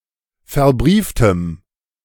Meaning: strong dative masculine/neuter singular of verbrieft
- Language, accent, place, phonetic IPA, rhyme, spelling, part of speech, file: German, Germany, Berlin, [fɛɐ̯ˈbʁiːftəm], -iːftəm, verbrieftem, adjective, De-verbrieftem.ogg